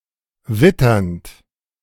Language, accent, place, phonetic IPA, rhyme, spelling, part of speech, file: German, Germany, Berlin, [ˈvɪtɐnt], -ɪtɐnt, witternd, verb, De-witternd.ogg
- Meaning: present participle of wittern